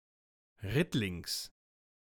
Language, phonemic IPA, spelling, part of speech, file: German, /ˈʁɪtlɪŋs/, rittlings, adverb, De-rittlings.ogg
- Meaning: riding or sitting on something, usually astride, thus with one’s legs hanging on either side